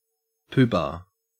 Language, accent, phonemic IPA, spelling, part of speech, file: English, Australia, /ˈpuːbɑː/, poobah, noun, En-au-poobah.ogg
- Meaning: 1. A person who holds multiple offices or positions of power at the same time 2. A leader or other important person 3. A pompous, self-important person